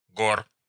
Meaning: genitive plural of гора́ (gorá)
- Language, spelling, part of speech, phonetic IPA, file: Russian, гор, noun, [ɡor], Ru-гор.ogg